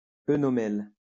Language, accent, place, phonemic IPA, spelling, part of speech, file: French, France, Lyon, /e.nɔ.mɛl/, œnomel, noun, LL-Q150 (fra)-œnomel.wav
- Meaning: oenomel